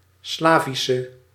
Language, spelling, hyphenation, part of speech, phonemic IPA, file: Dutch, Slavische, Sla‧vi‧sche, noun / adjective, /ˈslaːvisə/, Nl-Slavische.ogg
- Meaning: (noun) female Slav (person of Slavic origins); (adjective) inflection of Slavisch: 1. masculine/feminine singular attributive 2. definite neuter singular attributive 3. plural attributive